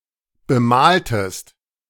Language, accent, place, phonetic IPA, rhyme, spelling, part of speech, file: German, Germany, Berlin, [bəˈmaːltəst], -aːltəst, bemaltest, verb, De-bemaltest.ogg
- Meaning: inflection of bemalen: 1. second-person singular preterite 2. second-person singular subjunctive II